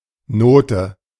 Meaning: 1. note (character indicating the length and pitch of a tone) 2. note 3. grade, mark
- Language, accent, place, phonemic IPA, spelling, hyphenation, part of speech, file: German, Germany, Berlin, /ˈnoːtə/, Note, No‧te, noun, De-Note.ogg